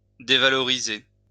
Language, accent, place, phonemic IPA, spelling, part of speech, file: French, France, Lyon, /de.va.lɔ.ʁi.ze/, dévaloriser, verb, LL-Q150 (fra)-dévaloriser.wav
- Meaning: to devalorize; to reduce in value